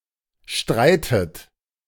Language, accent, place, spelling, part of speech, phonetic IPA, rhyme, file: German, Germany, Berlin, streitet, verb, [ˈʃtʁaɪ̯tət], -aɪ̯tət, De-streitet.ogg
- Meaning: inflection of streiten: 1. third-person singular present 2. second-person plural present 3. second-person plural subjunctive I 4. plural imperative